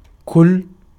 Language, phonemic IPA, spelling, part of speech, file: Arabic, /kull/, كل, noun, Ar-كل.ogg
- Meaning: 1. each one, everyone 2. each, every (with following indefinite noun in the genitive) 3. whole, all (with following definite noun in the genitive)